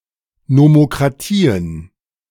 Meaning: plural of Nomokratie
- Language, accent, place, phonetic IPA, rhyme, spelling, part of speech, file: German, Germany, Berlin, [nomokʁaˈtiːən], -iːən, Nomokratien, noun, De-Nomokratien.ogg